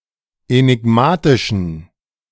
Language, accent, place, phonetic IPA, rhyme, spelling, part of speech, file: German, Germany, Berlin, [enɪˈɡmaːtɪʃn̩], -aːtɪʃn̩, enigmatischen, adjective, De-enigmatischen.ogg
- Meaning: inflection of enigmatisch: 1. strong genitive masculine/neuter singular 2. weak/mixed genitive/dative all-gender singular 3. strong/weak/mixed accusative masculine singular 4. strong dative plural